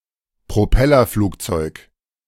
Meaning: propeller plane
- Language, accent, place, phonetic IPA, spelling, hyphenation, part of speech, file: German, Germany, Berlin, [pʁoˈpɛlɐˌfluːkt͡sɔɪ̯k], Propellerflugzeug, Pro‧pel‧ler‧flug‧zeug, noun, De-Propellerflugzeug.ogg